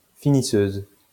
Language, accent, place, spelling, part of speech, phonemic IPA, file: French, France, Lyon, finisseuse, noun, /fi.ni.søz/, LL-Q150 (fra)-finisseuse.wav
- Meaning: female equivalent of finisseur